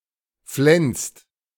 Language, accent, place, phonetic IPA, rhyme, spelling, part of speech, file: German, Germany, Berlin, [flɛnst], -ɛnst, flenst, verb, De-flenst.ogg
- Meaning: inflection of flensen: 1. second-person singular/plural present 2. third-person singular present 3. plural imperative